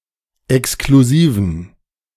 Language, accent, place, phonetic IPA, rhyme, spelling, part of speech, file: German, Germany, Berlin, [ɛkskluˈziːvn̩], -iːvn̩, exklusiven, adjective, De-exklusiven.ogg
- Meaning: inflection of exklusiv: 1. strong genitive masculine/neuter singular 2. weak/mixed genitive/dative all-gender singular 3. strong/weak/mixed accusative masculine singular 4. strong dative plural